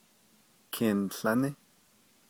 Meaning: Flagstaff (a city, the county seat of Coconino County, Arizona, United States)
- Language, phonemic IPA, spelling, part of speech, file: Navajo, /kʰɪ̀nɬɑ́nɪ́/, Kinłání, proper noun, Nv-Kinłání.ogg